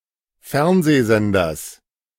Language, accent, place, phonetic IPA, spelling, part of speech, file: German, Germany, Berlin, [ˈfɛʁnzeːˌzɛndɐs], Fernsehsenders, noun, De-Fernsehsenders.ogg
- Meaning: genitive singular of Fernsehsender